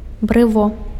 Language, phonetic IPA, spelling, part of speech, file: Belarusian, [brɨˈvo], брыво, noun, Be-брыво.ogg
- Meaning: eyebrow